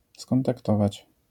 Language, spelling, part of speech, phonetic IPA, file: Polish, skontaktować, verb, [ˌskɔ̃ntakˈtɔvat͡ɕ], LL-Q809 (pol)-skontaktować.wav